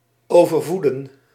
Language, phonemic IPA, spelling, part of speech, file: Dutch, /ˌoː.vərˈvuː.də(n)/, overvoeden, verb, Nl-overvoeden.ogg
- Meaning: to overfeed